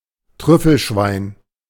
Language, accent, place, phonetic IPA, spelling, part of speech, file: German, Germany, Berlin, [ˈtʁʏfl̩ˌʃvaɪ̯n], Trüffelschwein, noun, De-Trüffelschwein.ogg
- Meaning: truffle pig, truffle hog